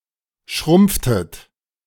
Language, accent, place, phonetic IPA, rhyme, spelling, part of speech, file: German, Germany, Berlin, [ˈʃʁʊmp͡ftət], -ʊmp͡ftət, schrumpftet, verb, De-schrumpftet.ogg
- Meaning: inflection of schrumpfen: 1. second-person plural preterite 2. second-person plural subjunctive II